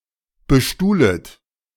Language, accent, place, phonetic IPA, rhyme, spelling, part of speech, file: German, Germany, Berlin, [bəˈʃtuːlət], -uːlət, bestuhlet, verb, De-bestuhlet.ogg
- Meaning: second-person plural subjunctive I of bestuhlen